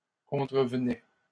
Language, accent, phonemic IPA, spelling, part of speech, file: French, Canada, /kɔ̃.tʁə.v(ə).nɛ/, contrevenais, verb, LL-Q150 (fra)-contrevenais.wav
- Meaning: first/second-person singular imperfect indicative of contrevenir